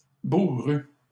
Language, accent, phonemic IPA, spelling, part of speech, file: French, Canada, /bu.ʁy/, bourrue, adjective, LL-Q150 (fra)-bourrue.wav
- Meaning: feminine singular of bourru